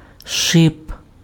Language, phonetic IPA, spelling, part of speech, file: Ukrainian, [ʃɪp], шип, noun, Uk-шип.ogg
- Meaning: 1. thorn, spine 2. spine (needle-like structure on an animal, shell, or plant) 3. stud (small object that protrudes from something) 4. calk; cleat (protrusion on the bottom of a shoe) 5. stud, journal